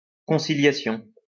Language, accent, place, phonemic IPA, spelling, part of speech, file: French, France, Lyon, /kɔ̃.si.lja.sjɔ̃/, conciliation, noun, LL-Q150 (fra)-conciliation.wav
- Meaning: conciliation